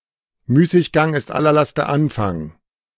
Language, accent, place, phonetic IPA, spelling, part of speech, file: German, Germany, Berlin, [ˈmyːsɪçˌɡaŋ ɪst ˈalɐ ˈlastɐ ˈanˌfaŋ], Müßiggang ist aller Laster Anfang, proverb, De-Müßiggang ist aller Laster Anfang.ogg
- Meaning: idle hands are the devil's workshop